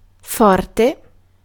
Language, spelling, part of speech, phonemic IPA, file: Italian, forte, adjective / noun, /ˈfɔrte/, It-forte.ogg